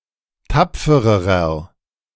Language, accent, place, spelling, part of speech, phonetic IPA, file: German, Germany, Berlin, tapfererer, adjective, [ˈtap͡fəʁəʁɐ], De-tapfererer.ogg
- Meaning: inflection of tapfer: 1. strong/mixed nominative masculine singular comparative degree 2. strong genitive/dative feminine singular comparative degree 3. strong genitive plural comparative degree